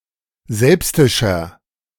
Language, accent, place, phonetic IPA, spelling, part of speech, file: German, Germany, Berlin, [ˈzɛlpstɪʃɐ], selbstischer, adjective, De-selbstischer.ogg
- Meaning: 1. comparative degree of selbstisch 2. inflection of selbstisch: strong/mixed nominative masculine singular 3. inflection of selbstisch: strong genitive/dative feminine singular